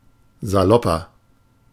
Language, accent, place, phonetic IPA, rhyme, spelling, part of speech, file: German, Germany, Berlin, [zaˈlɔpɐ], -ɔpɐ, salopper, adjective, De-salopper.ogg
- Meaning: inflection of salopp: 1. strong/mixed nominative masculine singular 2. strong genitive/dative feminine singular 3. strong genitive plural